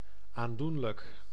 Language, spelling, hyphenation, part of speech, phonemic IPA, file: Dutch, aandoenlijk, aan‧doen‧lijk, adjective, /ˌaːnˈdun.lək/, Nl-aandoenlijk.ogg
- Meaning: 1. moving, touching (stirring one's emotion, especially pity, sadness and empathy) 2. sensitive, sentimental